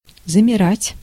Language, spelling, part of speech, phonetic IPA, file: Russian, замирать, verb, [zəmʲɪˈratʲ], Ru-замирать.ogg
- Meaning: 1. to stand motionless, to freeze 2. to come to a standstill 3. to die down (of a sound) 4. to sink (of the heart) 5. to falter (of the voice)